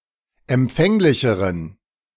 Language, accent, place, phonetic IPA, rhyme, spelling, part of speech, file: German, Germany, Berlin, [ɛmˈp͡fɛŋlɪçəʁən], -ɛŋlɪçəʁən, empfänglicheren, adjective, De-empfänglicheren.ogg
- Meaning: inflection of empfänglich: 1. strong genitive masculine/neuter singular comparative degree 2. weak/mixed genitive/dative all-gender singular comparative degree